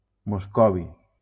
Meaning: moscovium
- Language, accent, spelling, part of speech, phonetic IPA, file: Catalan, Valencia, moscovi, noun, [mosˈkɔ.vi], LL-Q7026 (cat)-moscovi.wav